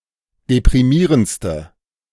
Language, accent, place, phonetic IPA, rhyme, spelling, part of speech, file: German, Germany, Berlin, [depʁiˈmiːʁənt͡stə], -iːʁənt͡stə, deprimierendste, adjective, De-deprimierendste.ogg
- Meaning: inflection of deprimierend: 1. strong/mixed nominative/accusative feminine singular superlative degree 2. strong nominative/accusative plural superlative degree